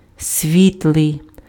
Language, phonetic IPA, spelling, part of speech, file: Ukrainian, [ˈsʲʋʲitɫei̯], світлий, adjective, Uk-світлий.ogg
- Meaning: light, bright